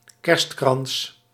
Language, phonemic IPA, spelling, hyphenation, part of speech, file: Dutch, /ˈkɛrst.krɑns/, kerstkrans, kerst‧krans, noun, Nl-kerstkrans.ogg
- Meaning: a Christmas wreath (ring-shaped ornament fashioned from plant materials, decorated in Christmas style)